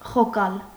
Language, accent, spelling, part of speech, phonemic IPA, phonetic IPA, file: Armenian, Eastern Armenian, խոկալ, verb, /χoˈkɑl/, [χokɑ́l], Hy-խոկալ.ogg
- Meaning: to muse (over), to ponder (over)